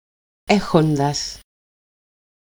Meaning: 1. having, with 2. + infinitive to form periphrastic perfect participles
- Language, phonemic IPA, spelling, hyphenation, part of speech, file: Greek, /ˈe.xon.das/, έχοντας, έ‧χο‧ντας, verb, El-έχοντας.ogg